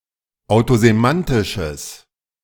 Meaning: strong/mixed nominative/accusative neuter singular of autosemantisch
- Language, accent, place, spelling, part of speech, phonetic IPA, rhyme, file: German, Germany, Berlin, autosemantisches, adjective, [aʊ̯tozeˈmantɪʃəs], -antɪʃəs, De-autosemantisches.ogg